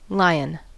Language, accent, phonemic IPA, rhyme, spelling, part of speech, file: English, US, /ˈlaɪən/, -aɪən, lion, noun / adjective, En-us-lion.ogg
- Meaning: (noun) A big cat, Panthera leo, native to Africa, India and formerly much of Europe